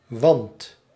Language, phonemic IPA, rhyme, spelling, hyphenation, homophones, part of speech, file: Dutch, /ʋɑnt/, -ɑnt, wand, wand, want, noun, Nl-wand.ogg
- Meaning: 1. wall 2. face (as in mountain face)